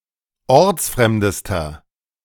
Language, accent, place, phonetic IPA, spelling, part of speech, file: German, Germany, Berlin, [ˈɔʁt͡sˌfʁɛmdəstɐ], ortsfremdester, adjective, De-ortsfremdester.ogg
- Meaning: inflection of ortsfremd: 1. strong/mixed nominative masculine singular superlative degree 2. strong genitive/dative feminine singular superlative degree 3. strong genitive plural superlative degree